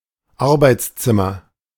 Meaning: workroom, study (room for work, typically in a private house)
- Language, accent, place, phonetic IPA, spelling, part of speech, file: German, Germany, Berlin, [ˈaʁbaɪ̯t͡sˌt͡sɪmɐ], Arbeitszimmer, noun, De-Arbeitszimmer.ogg